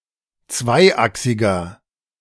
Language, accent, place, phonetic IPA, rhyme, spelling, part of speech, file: German, Germany, Berlin, [ˈt͡svaɪ̯ˌʔaksɪɡɐ], -aɪ̯ʔaksɪɡɐ, zweiachsiger, adjective, De-zweiachsiger.ogg
- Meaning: inflection of zweiachsig: 1. strong/mixed nominative masculine singular 2. strong genitive/dative feminine singular 3. strong genitive plural